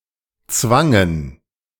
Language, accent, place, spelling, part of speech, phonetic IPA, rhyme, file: German, Germany, Berlin, zwangen, verb, [ˈt͡svaŋən], -aŋən, De-zwangen.ogg
- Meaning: first/third-person plural preterite of zwingen